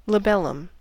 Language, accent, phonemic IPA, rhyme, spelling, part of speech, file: English, US, /ləˈbɛl.əm/, -ɛləm, labellum, noun, En-us-labellum.ogg
- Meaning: 1. The lower central petal of a flower (especially an orchid), usually developed to be showy and attract pollinators 2. Part of the mouth of an insect, especially the sucking mouthparts of a fly